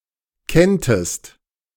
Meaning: second-person singular subjunctive II of kennen
- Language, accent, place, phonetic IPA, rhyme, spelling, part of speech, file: German, Germany, Berlin, [ˈkɛntəst], -ɛntəst, kenntest, verb, De-kenntest.ogg